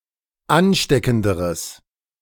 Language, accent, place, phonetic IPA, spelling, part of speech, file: German, Germany, Berlin, [ˈanˌʃtɛkn̩dəʁəs], ansteckenderes, adjective, De-ansteckenderes.ogg
- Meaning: strong/mixed nominative/accusative neuter singular comparative degree of ansteckend